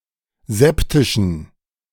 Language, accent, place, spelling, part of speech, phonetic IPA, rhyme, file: German, Germany, Berlin, septischen, adjective, [ˈzɛptɪʃn̩], -ɛptɪʃn̩, De-septischen.ogg
- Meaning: inflection of septisch: 1. strong genitive masculine/neuter singular 2. weak/mixed genitive/dative all-gender singular 3. strong/weak/mixed accusative masculine singular 4. strong dative plural